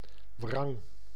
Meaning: astringent (mouthfeel), tart
- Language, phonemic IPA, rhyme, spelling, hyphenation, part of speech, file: Dutch, /vrɑŋ/, -ɑŋ, wrang, wrang, adjective, Nl-wrang.ogg